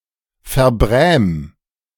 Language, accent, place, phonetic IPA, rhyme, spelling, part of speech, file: German, Germany, Berlin, [fɛɐ̯ˈbʁɛːm], -ɛːm, verbräm, verb, De-verbräm.ogg
- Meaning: 1. singular imperative of verbrämen 2. first-person singular present of verbrämen